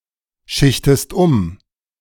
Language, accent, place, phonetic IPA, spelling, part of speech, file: German, Germany, Berlin, [ˌʃɪçtəst ˈʊm], schichtest um, verb, De-schichtest um.ogg
- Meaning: inflection of umschichten: 1. second-person singular present 2. second-person singular subjunctive I